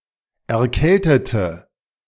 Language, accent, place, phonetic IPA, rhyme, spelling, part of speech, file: German, Germany, Berlin, [ɛɐ̯ˈkɛltətə], -ɛltətə, erkältete, adjective / verb, De-erkältete.ogg
- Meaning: inflection of erkälten: 1. first/third-person singular preterite 2. first/third-person singular subjunctive II